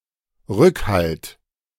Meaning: 1. backing, support 2. reservation
- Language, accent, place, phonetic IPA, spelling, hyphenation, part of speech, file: German, Germany, Berlin, [ˈʁʏkˌhalt], Rückhalt, Rück‧halt, noun, De-Rückhalt.ogg